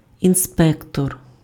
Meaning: inspector
- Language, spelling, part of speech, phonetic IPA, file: Ukrainian, інспектор, noun, [inˈspɛktɔr], Uk-інспектор.ogg